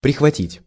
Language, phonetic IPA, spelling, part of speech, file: Russian, [prʲɪxvɐˈtʲitʲ], прихватить, verb, Ru-прихватить.ogg
- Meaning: 1. to catch up, to seize up, to grab, to borrow, to grip 2. to fasten, to tie up 3. to nip, to damage, to touch (of frost) 4. to tack